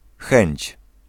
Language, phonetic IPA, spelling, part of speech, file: Polish, [xɛ̃ɲt͡ɕ], chęć, noun, Pl-chęć.ogg